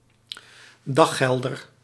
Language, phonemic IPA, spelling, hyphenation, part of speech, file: Dutch, /ˈdɑxɛldər/, daggelder, dag‧gel‧der, noun, Nl-daggelder.ogg
- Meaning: a dayworker, day labourer